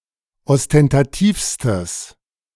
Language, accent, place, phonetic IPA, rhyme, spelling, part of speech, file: German, Germany, Berlin, [ɔstɛntaˈtiːfstəs], -iːfstəs, ostentativstes, adjective, De-ostentativstes.ogg
- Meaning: strong/mixed nominative/accusative neuter singular superlative degree of ostentativ